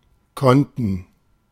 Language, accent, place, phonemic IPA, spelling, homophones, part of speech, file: German, Germany, Berlin, /ˈkɔntən/, Konten, konnten, noun, De-Konten.ogg
- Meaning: nominative/accusative/dative/genitive plural of Konto